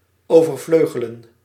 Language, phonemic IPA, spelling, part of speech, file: Dutch, /ˌoː.vərˈvløː.ɣə.lə(n)/, overvleugelen, verb, Nl-overvleugelen.ogg
- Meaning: 1. to outstrip, to overshadow, to eclipse 2. to outflank